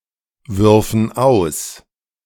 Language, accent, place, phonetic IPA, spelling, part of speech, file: German, Germany, Berlin, [ˌvʏʁfn̩ ˈaʊ̯s], würfen aus, verb, De-würfen aus.ogg
- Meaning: first/third-person plural subjunctive II of auswerfen